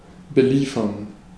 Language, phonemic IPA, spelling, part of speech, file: German, /bəˈliːfɐn/, beliefern, verb, De-beliefern.ogg
- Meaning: to supply